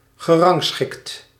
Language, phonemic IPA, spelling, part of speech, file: Dutch, /ɣəˈrɑŋsxɪkt/, gerangschikt, verb, Nl-gerangschikt.ogg
- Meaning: past participle of rangschikken